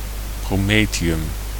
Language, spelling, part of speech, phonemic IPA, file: Dutch, promethium, noun, /proˈmetiˌjʏm/, Nl-promethium.ogg
- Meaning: promethium